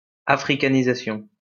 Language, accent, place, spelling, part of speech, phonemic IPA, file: French, France, Lyon, africanisation, noun, /a.fʁi.ka.ni.za.sjɔ̃/, LL-Q150 (fra)-africanisation.wav
- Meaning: Africanization